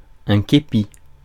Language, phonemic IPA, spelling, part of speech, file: French, /ke.pi/, képi, noun / verb, Fr-képi.ogg
- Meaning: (noun) kepi (cap with a flat circular top); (verb) to steal, to rob